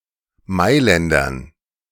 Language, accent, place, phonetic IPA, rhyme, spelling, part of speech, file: German, Germany, Berlin, [ˈmaɪ̯lɛndɐn], -aɪ̯lɛndɐn, Mailändern, noun, De-Mailändern.ogg
- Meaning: dative plural of Mailänder